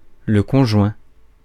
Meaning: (verb) past participle of conjoindre; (adjective) joint (e.g. effort); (noun) spouse or unmarried, spouse-like partner
- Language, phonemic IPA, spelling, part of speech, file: French, /kɔ̃.ʒwɛ̃/, conjoint, verb / adjective / noun, Fr-conjoint.ogg